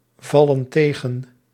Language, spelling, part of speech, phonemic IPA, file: Dutch, vallen tegen, verb, /ˈvɑlə(n) ˈteɣə(n)/, Nl-vallen tegen.ogg
- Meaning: inflection of tegenvallen: 1. plural present indicative 2. plural present subjunctive